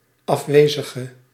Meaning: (adjective) inflection of afwezig: 1. masculine/feminine singular attributive 2. definite neuter singular attributive 3. plural attributive; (noun) absent one
- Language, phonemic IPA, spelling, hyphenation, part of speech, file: Dutch, /ˌɑfˈʋeː.zə.ɣə/, afwezige, af‧we‧zi‧ge, adjective / noun, Nl-afwezige.ogg